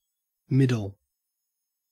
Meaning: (noun) 1. A centre, midpoint 2. The part between the beginning and the end 3. The middle stump 4. The central part of a human body; the waist 5. The middle voice
- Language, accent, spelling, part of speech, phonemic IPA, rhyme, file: English, Australia, middle, noun / adjective / verb, /ˈmɪdəl/, -ɪdəl, En-au-middle.ogg